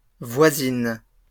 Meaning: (noun) feminine plural of voisin
- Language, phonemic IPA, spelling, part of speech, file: French, /vwa.zin/, voisines, noun / adjective, LL-Q150 (fra)-voisines.wav